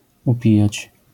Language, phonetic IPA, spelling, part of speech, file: Polish, [uˈpʲijät͡ɕ], upijać, verb, LL-Q809 (pol)-upijać.wav